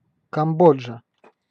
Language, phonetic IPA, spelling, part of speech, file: Russian, [kɐmˈbod͡ʐʐə], Камбоджа, proper noun, Ru-Камбоджа.ogg
- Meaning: Cambodia (a country in Southeast Asia)